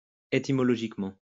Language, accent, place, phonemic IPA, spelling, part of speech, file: French, France, Lyon, /e.ti.mɔ.lɔ.ʒik.mɑ̃/, étymologiquement, adverb, LL-Q150 (fra)-étymologiquement.wav
- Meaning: etymologically